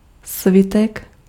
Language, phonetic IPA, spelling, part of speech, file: Czech, [ˈsvɪtɛk], svitek, noun, Cs-svitek.ogg
- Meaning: scroll, roll (of paper or parchment)